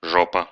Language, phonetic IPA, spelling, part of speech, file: Russian, [ˈʐopə], жопа, noun, Ru-жо́па.ogg
- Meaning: 1. ass, arse (the buttocks of a person or animal) 2. middle of nowhere, Bumfuck 3. shit (a difficult situation) 4. annoying person; shithead, asshole